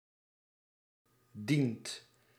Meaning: inflection of dienen: 1. second/third-person singular present indicative 2. plural imperative
- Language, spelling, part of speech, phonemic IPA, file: Dutch, dient, verb, /dint/, Nl-dient.ogg